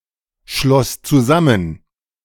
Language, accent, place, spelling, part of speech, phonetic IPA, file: German, Germany, Berlin, schloss zusammen, verb, [ˌʃlɔs t͡suˈzamən], De-schloss zusammen.ogg
- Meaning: first/third-person singular preterite of zusammenschließen